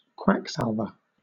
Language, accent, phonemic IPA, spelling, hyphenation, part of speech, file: English, Southern England, /ˈkwæksælvə/, quacksalver, quack‧sal‧ver, noun, LL-Q1860 (eng)-quacksalver.wav
- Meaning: One falsely claiming to possess medical or other skills, especially one who dispenses potions, ointments, etc., supposedly having curative powers; a quack